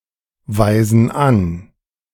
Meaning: inflection of anweisen: 1. first/third-person plural present 2. first/third-person plural subjunctive I
- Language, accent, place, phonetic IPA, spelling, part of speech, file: German, Germany, Berlin, [vaɪ̯zn̩ ˈan], weisen an, verb, De-weisen an.ogg